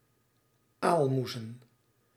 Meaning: plural of aalmoes
- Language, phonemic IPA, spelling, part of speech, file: Dutch, /ˈalmuzə(n)/, aalmoezen, noun, Nl-aalmoezen.ogg